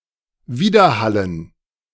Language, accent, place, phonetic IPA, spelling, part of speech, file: German, Germany, Berlin, [ˈviːdɐˌhalən], Widerhallen, noun, De-Widerhallen.ogg
- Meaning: 1. dative plural of Widerhall 2. gerund of widerhallen